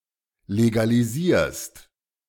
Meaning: second-person singular present of legalisieren
- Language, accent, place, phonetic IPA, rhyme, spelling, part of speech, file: German, Germany, Berlin, [leɡaliˈziːɐ̯st], -iːɐ̯st, legalisierst, verb, De-legalisierst.ogg